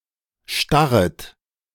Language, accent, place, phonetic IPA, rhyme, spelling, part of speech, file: German, Germany, Berlin, [ˈʃtaʁət], -aʁət, starret, verb, De-starret.ogg
- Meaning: second-person plural subjunctive I of starren